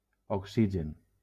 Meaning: oxygen (chemical element)
- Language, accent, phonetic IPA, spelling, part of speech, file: Catalan, Valencia, [okˈsi.d͡ʒen], oxigen, noun, LL-Q7026 (cat)-oxigen.wav